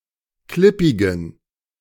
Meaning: inflection of klippig: 1. strong genitive masculine/neuter singular 2. weak/mixed genitive/dative all-gender singular 3. strong/weak/mixed accusative masculine singular 4. strong dative plural
- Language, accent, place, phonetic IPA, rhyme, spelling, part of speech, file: German, Germany, Berlin, [ˈklɪpɪɡn̩], -ɪpɪɡn̩, klippigen, adjective, De-klippigen.ogg